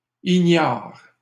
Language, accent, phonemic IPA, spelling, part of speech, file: French, Canada, /i.ɲaʁ/, ignares, adjective, LL-Q150 (fra)-ignares.wav
- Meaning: plural of ignare